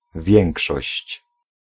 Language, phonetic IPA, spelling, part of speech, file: Polish, [ˈvʲjɛ̃ŋkʃɔɕt͡ɕ], większość, noun, Pl-większość.ogg